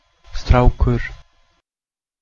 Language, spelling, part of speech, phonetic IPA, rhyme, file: Icelandic, strákur, noun, [ˈstrauːkʏr], -auːkʏr, Is-strákur.ogg
- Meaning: boy (male child)